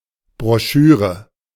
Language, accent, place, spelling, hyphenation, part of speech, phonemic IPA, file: German, Germany, Berlin, Broschüre, Bro‧schü‧re, noun, /bʁɔˈʃyːʁə/, De-Broschüre.ogg
- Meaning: brochure